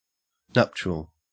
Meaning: 1. Of or pertaining to wedding and marriage 2. Capable, or characteristic, of breeding
- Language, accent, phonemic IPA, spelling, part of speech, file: English, Australia, /ˈnɐpʃəl/, nuptial, adjective, En-au-nuptial.ogg